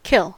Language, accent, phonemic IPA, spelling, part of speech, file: English, US, /kɪln/, kiln, noun / verb, En-us-kiln.ogg
- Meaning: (noun) An oven or furnace or a heated chamber, for the purpose of hardening, burning, calcining or drying anything; for example, firing ceramics, curing or preserving tobacco, or drying grain